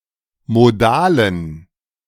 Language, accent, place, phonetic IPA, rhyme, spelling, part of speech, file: German, Germany, Berlin, [moˈdaːlən], -aːlən, modalen, adjective, De-modalen.ogg
- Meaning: inflection of modal: 1. strong genitive masculine/neuter singular 2. weak/mixed genitive/dative all-gender singular 3. strong/weak/mixed accusative masculine singular 4. strong dative plural